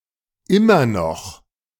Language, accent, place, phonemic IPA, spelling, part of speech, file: German, Germany, Berlin, /ˈʔɪmɐ nɔx/, immer noch, adverb, De-immer noch.ogg
- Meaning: still; used to emphatically describe an unchanged state, despite attempts or expectations of change